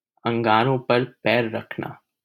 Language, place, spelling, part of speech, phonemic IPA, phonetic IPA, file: Hindi, Delhi, अंगारों पर पैर रखना, verb, /əŋ.ɡɑː.ɾõː pəɾ pɛːɾ ɾəkʰ.nɑː/, [ɐ̃ŋ.ɡäː.ɾõː‿pɐɾ‿pɛːɾ‿ɾɐkʰ.näː], LL-Q1568 (hin)-अंगारों पर पैर रखना.wav
- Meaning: to intentionally do something dangerous or harmful to oneself; to intentionally get oneself in trouble